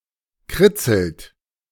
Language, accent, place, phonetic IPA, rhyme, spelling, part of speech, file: German, Germany, Berlin, [ˈkʁɪt͡sl̩t], -ɪt͡sl̩t, kritzelt, verb, De-kritzelt.ogg
- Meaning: inflection of kritzeln: 1. third-person singular present 2. second-person plural present 3. plural imperative